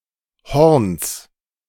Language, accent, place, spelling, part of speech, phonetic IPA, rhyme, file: German, Germany, Berlin, Horns, noun, [hɔʁns], -ɔʁns, De-Horns.ogg
- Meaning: genitive singular of Horn